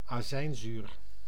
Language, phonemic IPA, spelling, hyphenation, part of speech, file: Dutch, /aːˈzɛi̯nˌzyr/, azijnzuur, azijn‧zuur, noun, Nl-azijnzuur.ogg
- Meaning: acetic acid